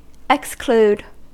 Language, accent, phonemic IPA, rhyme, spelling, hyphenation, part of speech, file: English, US, /ɪksˈkluːd/, -uːd, exclude, ex‧clude, verb, En-us-exclude.ogg
- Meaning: 1. To bar (someone or something) from entering; to keep out 2. To expel; to put out 3. To omit from consideration 4. To refuse to accept (evidence) as valid